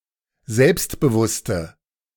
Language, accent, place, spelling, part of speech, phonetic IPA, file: German, Germany, Berlin, selbstbewusste, adjective, [ˈzɛlpstbəˌvʊstə], De-selbstbewusste.ogg
- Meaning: inflection of selbstbewusst: 1. strong/mixed nominative/accusative feminine singular 2. strong nominative/accusative plural 3. weak nominative all-gender singular